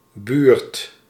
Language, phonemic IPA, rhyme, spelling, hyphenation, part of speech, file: Dutch, /byːrt/, -yːrt, buurt, buurt, noun, Nl-buurt.ogg
- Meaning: 1. neighborhood, part of town 2. vicinity, proximity